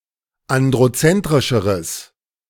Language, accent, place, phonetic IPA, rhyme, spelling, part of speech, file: German, Germany, Berlin, [ˌandʁoˈt͡sɛntʁɪʃəʁəs], -ɛntʁɪʃəʁəs, androzentrischeres, adjective, De-androzentrischeres.ogg
- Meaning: strong/mixed nominative/accusative neuter singular comparative degree of androzentrisch